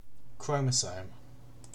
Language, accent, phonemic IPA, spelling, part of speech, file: English, UK, /ˈkɹəʊ.məˌsəʊm/, chromosome, noun, En-uk-chromosome.ogg
- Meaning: A linear arrangement of condensed DNA and associated proteins (such as chaperone proteins) which contains the genetic material (genome) of an organism